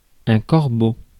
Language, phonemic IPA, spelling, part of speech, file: French, /kɔʁ.bo/, corbeau, noun, Fr-corbeau.ogg
- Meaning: 1. raven, crow (bird) 2. poison-pen letter writer 3. corbel 4. Corvus 5. body collector (during a plague) 6. corvus (grappling hook used by the Romans in naval warfare) 7. priest